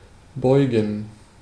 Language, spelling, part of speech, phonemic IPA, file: German, beugen, verb, /ˈbɔʏ̯ɡən/, De-beugen.ogg
- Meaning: 1. to bend something, to bow something 2. to bend; to bend over; to bow 3. to give in to; to cease to resist or disagree with 4. to inflect; to decline, conjugate, etc